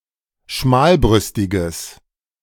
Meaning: strong/mixed nominative/accusative neuter singular of schmalbrüstig
- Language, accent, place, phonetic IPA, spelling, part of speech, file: German, Germany, Berlin, [ˈʃmaːlˌbʁʏstɪɡəs], schmalbrüstiges, adjective, De-schmalbrüstiges.ogg